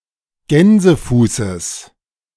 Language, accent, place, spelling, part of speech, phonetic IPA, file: German, Germany, Berlin, Gänsefußes, noun, [ˈɡɛnzəˌfuːsəs], De-Gänsefußes.ogg
- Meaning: genitive singular of Gänsefuß